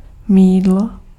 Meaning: soap
- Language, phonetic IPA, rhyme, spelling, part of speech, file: Czech, [ˈmiːdlo], -iːdlo, mýdlo, noun, Cs-mýdlo.ogg